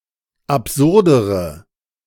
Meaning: inflection of absurd: 1. strong/mixed nominative/accusative feminine singular comparative degree 2. strong nominative/accusative plural comparative degree
- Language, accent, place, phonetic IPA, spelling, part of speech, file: German, Germany, Berlin, [apˈzʊʁdəʁə], absurdere, adjective, De-absurdere.ogg